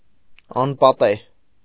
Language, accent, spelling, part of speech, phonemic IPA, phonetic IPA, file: Armenian, Eastern Armenian, անպատեհ, adjective, /ɑnpɑˈteh/, [ɑnpɑtéh], Hy-անպատեհ.ogg
- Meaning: 1. inopportune, ill-timed, untimely 2. inappropriate, improper, unsuitable